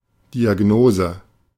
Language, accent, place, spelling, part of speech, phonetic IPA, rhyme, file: German, Germany, Berlin, Diagnose, noun, [diaˈɡnoːzə], -oːzə, De-Diagnose.ogg
- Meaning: diagnosis